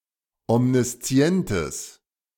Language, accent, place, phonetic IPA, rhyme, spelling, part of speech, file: German, Germany, Berlin, [ɔmniˈst͡si̯ɛntəs], -ɛntəs, omniszientes, adjective, De-omniszientes.ogg
- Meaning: strong/mixed nominative/accusative neuter singular of omniszient